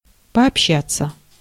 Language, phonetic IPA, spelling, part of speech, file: Russian, [pɐɐpˈɕːat͡sːə], пообщаться, verb, Ru-пообщаться.ogg
- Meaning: to communicate (with), to converse, to mix (with) (for some time)